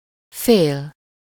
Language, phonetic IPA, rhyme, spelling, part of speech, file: Hungarian, [ˈfeːl], -eːl, fél, verb / numeral / noun, Hu-fél.ogg
- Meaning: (verb) 1. to fear, to be afraid of something (-tól/-től) 2. to fear something (-t/-ot/-at/-et/-öt); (numeral) half (1/2)